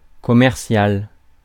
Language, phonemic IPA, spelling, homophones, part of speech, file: French, /kɔ.mɛʁ.sjal/, commercial, commerciale / commerciales, adjective / noun, Fr-commercial.ogg
- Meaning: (adjective) commercial; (noun) a salesman, sales representative